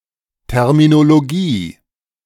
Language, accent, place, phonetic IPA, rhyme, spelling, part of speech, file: German, Germany, Berlin, [ˌtɛʁminoloˈɡiː], -iː, Terminologie, noun, De-Terminologie.ogg
- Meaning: terminology